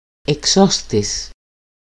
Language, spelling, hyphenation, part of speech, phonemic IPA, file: Greek, εξώστης, ε‧ξώ‧στης, noun, /eˈkso.stis/, EL-εξώστης.ogg
- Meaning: 1. balcony of a building (especially for public speeches) 2. balcony 3. people in these seats